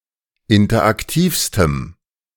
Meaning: strong dative masculine/neuter singular superlative degree of interaktiv
- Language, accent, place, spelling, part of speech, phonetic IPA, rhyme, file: German, Germany, Berlin, interaktivstem, adjective, [ˌɪntɐʔakˈtiːfstəm], -iːfstəm, De-interaktivstem.ogg